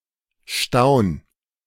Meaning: 1. singular imperative of staunen 2. first-person singular present of staunen
- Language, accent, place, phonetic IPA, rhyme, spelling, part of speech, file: German, Germany, Berlin, [ʃtaʊ̯n], -aʊ̯n, staun, verb, De-staun.ogg